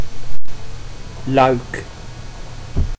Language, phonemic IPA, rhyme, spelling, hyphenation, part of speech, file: Dutch, /lœy̯k/, -œy̯k, luik, luik, noun / verb, Nl-luik.ogg
- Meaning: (noun) 1. hatch 2. shutter 3. panel, as in a triptych 4. first-rank section, part (of few), e.g. chapter of a plan; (verb) inflection of luiken: first-person singular present indicative